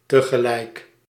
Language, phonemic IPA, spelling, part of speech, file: Dutch, /təɣəˈlɛɪk/, tegelijk, adverb, Nl-tegelijk.ogg
- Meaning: 1. simultaneously, at the same time 2. at a time